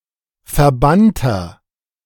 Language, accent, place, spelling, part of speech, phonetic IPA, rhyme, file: German, Germany, Berlin, verbannter, adjective, [fɛɐ̯ˈbantɐ], -antɐ, De-verbannter.ogg
- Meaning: inflection of verbannt: 1. strong/mixed nominative masculine singular 2. strong genitive/dative feminine singular 3. strong genitive plural